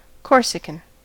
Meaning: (adjective) Of, from or relating to Corsica, France or the Corsican language; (noun) A native or inhabitant of Corsica, France; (proper noun) The language of the Corsican people
- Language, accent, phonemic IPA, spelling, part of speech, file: English, US, /ˈkɔɹsəkən/, Corsican, adjective / noun / proper noun, En-us-Corsican.ogg